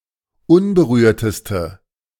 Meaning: inflection of unberührt: 1. strong/mixed nominative/accusative feminine singular superlative degree 2. strong nominative/accusative plural superlative degree
- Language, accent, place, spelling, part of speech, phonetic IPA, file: German, Germany, Berlin, unberührteste, adjective, [ˈʊnbəˌʁyːɐ̯təstə], De-unberührteste.ogg